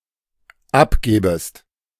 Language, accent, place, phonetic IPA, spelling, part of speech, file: German, Germany, Berlin, [ˈapˌɡeːbəst], abgebest, verb, De-abgebest.ogg
- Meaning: second-person singular dependent subjunctive I of abgeben